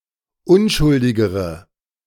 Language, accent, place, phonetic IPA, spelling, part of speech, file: German, Germany, Berlin, [ˈʊnʃʊldɪɡəʁə], unschuldigere, adjective, De-unschuldigere.ogg
- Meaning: inflection of unschuldig: 1. strong/mixed nominative/accusative feminine singular comparative degree 2. strong nominative/accusative plural comparative degree